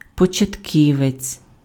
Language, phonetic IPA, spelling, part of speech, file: Ukrainian, [pɔt͡ʃɐtʲˈkʲiʋet͡sʲ], початківець, noun, Uk-початківець.ogg
- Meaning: beginner